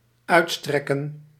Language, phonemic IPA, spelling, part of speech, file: Dutch, /ˈœytstrɛkə(n)/, uitstrekken, verb, Nl-uitstrekken.ogg
- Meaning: to stretch out, to extend